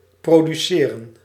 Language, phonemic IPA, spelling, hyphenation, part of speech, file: Dutch, /proː.dyˈseː.rə(n)/, produceren, pro‧du‧ce‧ren, verb, Nl-produceren.ogg
- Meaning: 1. to produce (bring forth) 2. to produce (music or film)